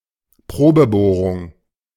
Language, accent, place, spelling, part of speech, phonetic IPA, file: German, Germany, Berlin, Probebohrung, noun, [ˈpʁoːbəˌboːʁʊŋ], De-Probebohrung.ogg
- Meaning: test drilling